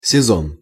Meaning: 1. season (quarter of a year) 2. season (a group of episodes of a television or radio program)
- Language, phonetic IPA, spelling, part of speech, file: Russian, [sʲɪˈzon], сезон, noun, Ru-сезон.ogg